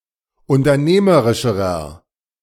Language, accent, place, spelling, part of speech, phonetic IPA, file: German, Germany, Berlin, unternehmerischerer, adjective, [ʊntɐˈneːməʁɪʃəʁɐ], De-unternehmerischerer.ogg
- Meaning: inflection of unternehmerisch: 1. strong/mixed nominative masculine singular comparative degree 2. strong genitive/dative feminine singular comparative degree